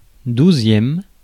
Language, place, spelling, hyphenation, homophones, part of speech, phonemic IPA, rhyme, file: French, Paris, douzième, dou‧zième, douzièmes, adjective / noun, /du.zjɛm/, -ɛm, Fr-douzième.ogg
- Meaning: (adjective) twelfth